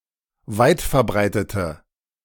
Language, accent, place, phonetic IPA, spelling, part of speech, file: German, Germany, Berlin, [ˈvaɪ̯tfɛɐ̯ˌbʁaɪ̯tətə], weitverbreitete, adjective, De-weitverbreitete.ogg
- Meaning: inflection of weitverbreitet: 1. strong/mixed nominative/accusative feminine singular 2. strong nominative/accusative plural 3. weak nominative all-gender singular